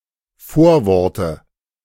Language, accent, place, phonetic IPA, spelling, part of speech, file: German, Germany, Berlin, [ˈfoːɐ̯ˌvɔʁtə], Vorworte, noun, De-Vorworte.ogg
- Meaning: nominative/accusative/genitive plural of Vorwort